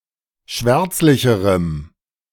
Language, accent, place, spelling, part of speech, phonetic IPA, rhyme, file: German, Germany, Berlin, schwärzlicherem, adjective, [ˈʃvɛʁt͡slɪçəʁəm], -ɛʁt͡slɪçəʁəm, De-schwärzlicherem.ogg
- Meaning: strong dative masculine/neuter singular comparative degree of schwärzlich